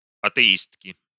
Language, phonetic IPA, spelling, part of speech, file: Russian, [ɐtɨˈistkʲɪ], атеистки, noun, Ru-атеистки.ogg
- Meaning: inflection of атеи́стка (atɛístka): 1. genitive singular 2. nominative plural